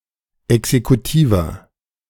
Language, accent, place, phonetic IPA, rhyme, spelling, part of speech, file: German, Germany, Berlin, [ɛksekuˈtiːvɐ], -iːvɐ, exekutiver, adjective, De-exekutiver.ogg
- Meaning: inflection of exekutiv: 1. strong/mixed nominative masculine singular 2. strong genitive/dative feminine singular 3. strong genitive plural